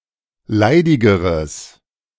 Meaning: strong/mixed nominative/accusative neuter singular comparative degree of leidig
- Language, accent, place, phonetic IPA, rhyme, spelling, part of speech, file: German, Germany, Berlin, [ˈlaɪ̯dɪɡəʁəs], -aɪ̯dɪɡəʁəs, leidigeres, adjective, De-leidigeres.ogg